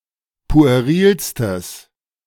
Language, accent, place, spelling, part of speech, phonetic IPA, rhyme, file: German, Germany, Berlin, puerilstes, adjective, [pu̯eˈʁiːlstəs], -iːlstəs, De-puerilstes.ogg
- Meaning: strong/mixed nominative/accusative neuter singular superlative degree of pueril